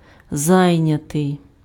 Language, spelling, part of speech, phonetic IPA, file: Ukrainian, зайнятий, verb / adjective, [ˈzai̯nʲɐtei̯], Uk-зайнятий.ogg
- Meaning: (verb) passive adjectival past participle of зайня́ти (zajnjáty); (adjective) 1. occupied 2. busy (engaged in activity)